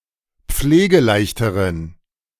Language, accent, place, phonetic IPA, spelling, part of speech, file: German, Germany, Berlin, [ˈp͡fleːɡəˌlaɪ̯çtəʁən], pflegeleichteren, adjective, De-pflegeleichteren.ogg
- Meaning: inflection of pflegeleicht: 1. strong genitive masculine/neuter singular comparative degree 2. weak/mixed genitive/dative all-gender singular comparative degree